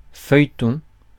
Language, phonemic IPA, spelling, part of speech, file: French, /fœj.tɔ̃/, feuilleton, noun, Fr-feuilleton.ogg
- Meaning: 1. soap opera 2. serial, feuilleton, literary article